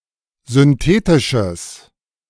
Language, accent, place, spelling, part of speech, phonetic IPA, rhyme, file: German, Germany, Berlin, synthetisches, adjective, [zʏnˈteːtɪʃəs], -eːtɪʃəs, De-synthetisches.ogg
- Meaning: strong/mixed nominative/accusative neuter singular of synthetisch